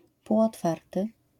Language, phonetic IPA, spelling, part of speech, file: Polish, [ˌpuwɔtˈfartɨ], półotwarty, adjective, LL-Q809 (pol)-półotwarty.wav